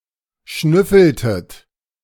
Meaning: inflection of schnüffeln: 1. second-person plural preterite 2. second-person plural subjunctive II
- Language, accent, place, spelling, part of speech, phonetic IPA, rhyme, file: German, Germany, Berlin, schnüffeltet, verb, [ˈʃnʏfl̩tət], -ʏfl̩tət, De-schnüffeltet.ogg